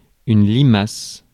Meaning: slug
- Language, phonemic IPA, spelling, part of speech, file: French, /li.mas/, limace, noun, Fr-limace.ogg